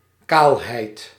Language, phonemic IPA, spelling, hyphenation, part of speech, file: Dutch, /ˈkaːlˌɦɛi̯t/, kaalheid, kaal‧heid, noun, Nl-kaalheid.ogg
- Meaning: 1. baldness 2. bareness, featurelessness